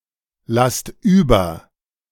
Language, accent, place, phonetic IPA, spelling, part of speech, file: German, Germany, Berlin, [ˌlast ˈyːbɐ], lasst über, verb, De-lasst über.ogg
- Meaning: inflection of überlassen: 1. second-person plural present 2. plural imperative